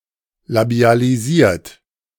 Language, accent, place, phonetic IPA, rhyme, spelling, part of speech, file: German, Germany, Berlin, [labi̯aliˈziːɐ̯t], -iːɐ̯t, labialisiert, verb, De-labialisiert.ogg
- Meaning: 1. past participle of labialisieren 2. inflection of labialisieren: third-person singular present 3. inflection of labialisieren: second-person plural present